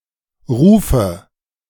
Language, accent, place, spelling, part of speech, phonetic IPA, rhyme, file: German, Germany, Berlin, Rufe, noun, [ˈʁuːfə], -uːfə, De-Rufe.ogg
- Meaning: nominative/accusative/genitive plural of Ruf